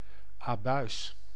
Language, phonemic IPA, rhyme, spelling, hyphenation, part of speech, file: Dutch, /aːˈbœy̯s/, -œy̯s, abuis, abuis, noun / adjective, Nl-abuis.ogg
- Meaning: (noun) 1. an error, a mistake 2. a wrong, abuse, a wrongful action or activity 3. a strange or miraculous phenomenon; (adjective) mistaken, wrong